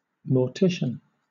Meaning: An undertaker or funeral director; especially, one who is also the embalmer or cremator
- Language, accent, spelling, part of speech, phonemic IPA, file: English, Southern England, mortician, noun, /mɔː(ɹ)ˈtɪʃən/, LL-Q1860 (eng)-mortician.wav